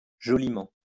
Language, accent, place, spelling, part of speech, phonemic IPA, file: French, France, Lyon, joliment, adverb, /ʒɔ.li.mɑ̃/, LL-Q150 (fra)-joliment.wav
- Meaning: 1. prettily, cutely 2. extremely